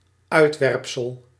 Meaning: 1. excrement, feces 2. map; image; plan 3. outcast; persona non grata 4. growth (on an animal or plant)
- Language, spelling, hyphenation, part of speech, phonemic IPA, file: Dutch, uitwerpsel, uit‧werp‧sel, noun, /ˈœy̯tˌʋɛrp.səl/, Nl-uitwerpsel.ogg